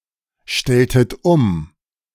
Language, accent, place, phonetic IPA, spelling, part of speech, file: German, Germany, Berlin, [ˌʃtɛltət ˈʊm], stelltet um, verb, De-stelltet um.ogg
- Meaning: inflection of umstellen: 1. second-person plural preterite 2. second-person plural subjunctive II